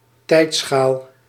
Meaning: time scale
- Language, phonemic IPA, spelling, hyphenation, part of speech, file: Dutch, /ˈtɛi̯t.sxaːl/, tijdschaal, tijd‧schaal, noun, Nl-tijdschaal.ogg